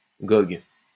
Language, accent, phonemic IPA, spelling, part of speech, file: French, France, /ɡɔɡ/, gogue, noun, LL-Q150 (fra)-gogue.wav
- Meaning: 1. ragout made with sausages and herbs 2. joke; fun